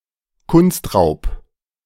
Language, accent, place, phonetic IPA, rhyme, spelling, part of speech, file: German, Germany, Berlin, [kʊnˈstʁaʊ̯p], -aʊ̯p, Kunstraub, noun, De-Kunstraub.ogg
- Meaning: art theft